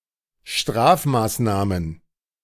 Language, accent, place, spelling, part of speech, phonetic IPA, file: German, Germany, Berlin, Strafmaßnahmen, noun, [ˈʃtʁaːfmaːsˌnaːmən], De-Strafmaßnahmen.ogg
- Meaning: plural of Strafmaßnahme